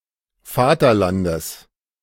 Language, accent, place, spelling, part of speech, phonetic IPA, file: German, Germany, Berlin, Vaterlandes, noun, [ˈfaːtɐˌlandəs], De-Vaterlandes.ogg
- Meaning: genitive singular of Vaterland